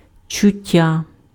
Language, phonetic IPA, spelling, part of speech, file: Ukrainian, [t͡ʃʊˈtʲːa], чуття, noun, Uk-чуття.ogg
- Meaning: 1. sense (any of the manners by which living beings perceive the physical world) 2. feeling, sensation